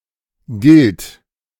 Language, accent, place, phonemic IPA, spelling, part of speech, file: German, Germany, Berlin, /ˈɡɪlt/, gilt, verb, De-gilt.ogg
- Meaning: inflection of gelten: 1. third-person singular present 2. singular imperative